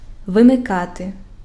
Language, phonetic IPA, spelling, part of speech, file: Ukrainian, [ʋemeˈkate], вимикати, verb, Uk-вимикати.ogg
- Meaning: 1. to switch off, to turn off (to turn a switch to the "off" position) 2. to disable (to deactivate a function of an electronic or mechanical device)